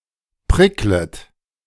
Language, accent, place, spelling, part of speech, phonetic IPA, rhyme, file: German, Germany, Berlin, pricklet, verb, [ˈpʁɪklət], -ɪklət, De-pricklet.ogg
- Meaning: second-person plural subjunctive I of prickeln